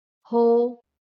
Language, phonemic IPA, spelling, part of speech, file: Marathi, /ɦo/, हो, interjection, LL-Q1571 (mar)-हो.wav
- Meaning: yes